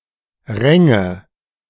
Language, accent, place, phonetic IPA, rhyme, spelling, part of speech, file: German, Germany, Berlin, [ˈʁɛŋə], -ɛŋə, Ränge, noun, De-Ränge.ogg
- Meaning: nominative/accusative/genitive plural of Rang